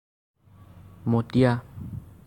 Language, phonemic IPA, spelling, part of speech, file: Assamese, /mɔ.tiɑ/, মটীয়া, adjective, As-মটীয়া.ogg
- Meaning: 1. brown 2. soilish